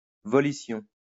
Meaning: volition
- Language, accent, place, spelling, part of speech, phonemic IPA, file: French, France, Lyon, volition, noun, /vɔ.li.sjɔ̃/, LL-Q150 (fra)-volition.wav